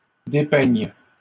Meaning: first/third-person singular present subjunctive of dépeindre
- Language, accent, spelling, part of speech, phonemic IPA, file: French, Canada, dépeigne, verb, /de.pɛɲ/, LL-Q150 (fra)-dépeigne.wav